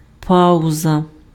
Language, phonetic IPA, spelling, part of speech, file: Ukrainian, [ˈpaʊzɐ], пауза, noun, Uk-пауза.ogg
- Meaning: 1. pause 2. break, recess, playtime